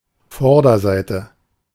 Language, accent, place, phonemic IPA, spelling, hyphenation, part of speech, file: German, Germany, Berlin, /ˈfɔʁdɐˌzaɪ̯tə/, Vorderseite, Vor‧der‧sei‧te, noun, De-Vorderseite.ogg
- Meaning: 1. front; face (facing side) 2. obverse